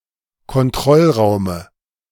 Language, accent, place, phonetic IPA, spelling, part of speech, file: German, Germany, Berlin, [kɔnˈtʁɔlˌʁaʊ̯mə], Kontrollraume, noun, De-Kontrollraume.ogg
- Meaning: dative singular of Kontrollraum